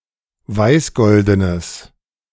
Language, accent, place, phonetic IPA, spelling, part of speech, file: German, Germany, Berlin, [ˈvaɪ̯sˌɡɔldənəs], weißgoldenes, adjective, De-weißgoldenes.ogg
- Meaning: strong/mixed nominative/accusative neuter singular of weißgolden